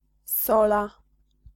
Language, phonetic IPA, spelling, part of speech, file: Polish, [ˈsɔla], sola, noun, Pl-sola.ogg